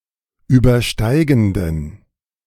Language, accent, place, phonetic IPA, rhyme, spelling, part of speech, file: German, Germany, Berlin, [ˌyːbɐˈʃtaɪ̯ɡn̩dən], -aɪ̯ɡn̩dən, übersteigenden, adjective, De-übersteigenden.ogg
- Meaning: inflection of übersteigend: 1. strong genitive masculine/neuter singular 2. weak/mixed genitive/dative all-gender singular 3. strong/weak/mixed accusative masculine singular 4. strong dative plural